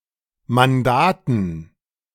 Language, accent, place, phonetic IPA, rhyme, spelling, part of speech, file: German, Germany, Berlin, [manˈdaːtn̩], -aːtn̩, Mandaten, noun, De-Mandaten.ogg
- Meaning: dative plural of Mandat